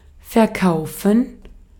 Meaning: 1. to sell (something in exchange for money) 2. to sell (for a certain amount or at a certain rate)
- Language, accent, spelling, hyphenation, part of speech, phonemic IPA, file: German, Austria, verkaufen, ver‧kau‧fen, verb, /fɛɐ̯ˈkaʊ̯fən/, De-at-verkaufen.ogg